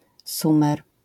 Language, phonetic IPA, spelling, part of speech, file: Polish, [ˈsũmɛr], Sumer, noun, LL-Q809 (pol)-Sumer.wav